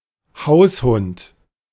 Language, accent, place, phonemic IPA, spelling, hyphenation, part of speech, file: German, Germany, Berlin, /ˈhaʊ̯sˌhʊnt/, Haushund, Haus‧hund, noun, De-Haushund.ogg
- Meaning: pet dog